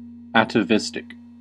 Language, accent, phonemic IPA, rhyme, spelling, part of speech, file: English, US, /æt.əˈvɪs.tɪk/, -ɪstɪk, atavistic, adjective, En-us-atavistic.ogg
- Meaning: 1. Of the recurrence of a trait reappearing after an absence of one or more generations due to a chance recombination of genes 2. Of a throwback or exhibiting primitivism